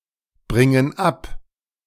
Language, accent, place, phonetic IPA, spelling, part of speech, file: German, Germany, Berlin, [ˌbʁɪŋən ˈap], bringen ab, verb, De-bringen ab.ogg
- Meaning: inflection of abbringen: 1. first/third-person plural present 2. first/third-person plural subjunctive I